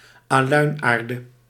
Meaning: alundum, alumina (aluminium oxide)
- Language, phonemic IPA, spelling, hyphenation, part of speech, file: Dutch, /aːˈlœy̯nˌaːr.də/, aluinaarde, aluin‧aar‧de, noun, Nl-aluinaarde.ogg